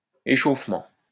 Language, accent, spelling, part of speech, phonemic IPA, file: French, France, échauffement, noun, /e.ʃof.mɑ̃/, LL-Q150 (fra)-échauffement.wav
- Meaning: warmup